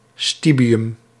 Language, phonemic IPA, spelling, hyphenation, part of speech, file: Dutch, /ˈsti.biˌʏm/, stibium, sti‧bi‧um, noun, Nl-stibium.ogg
- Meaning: antimony